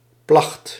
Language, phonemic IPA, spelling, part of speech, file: Dutch, /plɑxt/, placht, verb, Nl-placht.ogg
- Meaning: singular past indicative of plegen